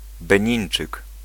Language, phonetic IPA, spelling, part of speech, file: Polish, [bɛ̃ˈɲĩj̃n͇t͡ʃɨk], Benińczyk, noun, Pl-Benińczyk.ogg